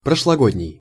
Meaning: last year; last year's
- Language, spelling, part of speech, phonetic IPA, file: Russian, прошлогодний, adjective, [prəʂɫɐˈɡodʲnʲɪj], Ru-прошлогодний.ogg